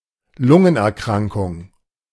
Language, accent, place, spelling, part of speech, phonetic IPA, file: German, Germany, Berlin, Lungenerkrankung, noun, [ˈlʊŋənʔɛɐ̯ˌkʁaŋkʊŋ], De-Lungenerkrankung.ogg
- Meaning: pulmonary disease